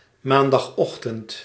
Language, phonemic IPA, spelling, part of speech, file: Dutch, /mandɑxˈɔxtənt/, maandagochtend, noun / adverb, Nl-maandagochtend.ogg
- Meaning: Monday morning